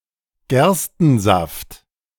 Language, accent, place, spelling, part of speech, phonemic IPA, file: German, Germany, Berlin, Gerstensaft, noun, /ˈɡɛrstənˌzaft/, De-Gerstensaft.ogg
- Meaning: beer